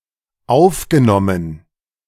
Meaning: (verb) past participle of aufnehmen; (adjective) 1. recorded 2. incorporated, absorbed
- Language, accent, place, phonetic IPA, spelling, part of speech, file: German, Germany, Berlin, [ˈaʊ̯fɡəˌnɔmən], aufgenommen, verb, De-aufgenommen.ogg